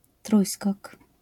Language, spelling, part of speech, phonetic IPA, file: Polish, trójskok, noun, [ˈtrujskɔk], LL-Q809 (pol)-trójskok.wav